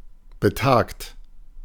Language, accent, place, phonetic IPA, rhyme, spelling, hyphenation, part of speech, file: German, Germany, Berlin, [bəˈtaːkt], -aːkt, betagt, be‧tagt, adjective, De-betagt.ogg
- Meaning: aged, elderly